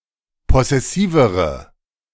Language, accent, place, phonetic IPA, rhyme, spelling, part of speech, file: German, Germany, Berlin, [ˌpɔsɛˈsiːvəʁə], -iːvəʁə, possessivere, adjective, De-possessivere.ogg
- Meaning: inflection of possessiv: 1. strong/mixed nominative/accusative feminine singular comparative degree 2. strong nominative/accusative plural comparative degree